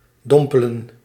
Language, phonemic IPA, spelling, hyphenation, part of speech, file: Dutch, /ˈdɔmpələ(n)/, dompelen, dom‧pe‧len, verb, Nl-dompelen.ogg
- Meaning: to immerse in a liquid